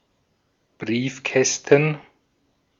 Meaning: plural of Briefkasten
- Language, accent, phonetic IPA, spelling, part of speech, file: German, Austria, [ˈbʁiːfˌkɛstn̩], Briefkästen, noun, De-at-Briefkästen.ogg